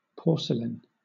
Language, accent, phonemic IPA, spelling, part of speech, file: English, Southern England, /ˈpɔːsəlɪn/, porcelain, noun / verb, LL-Q1860 (eng)-porcelain.wav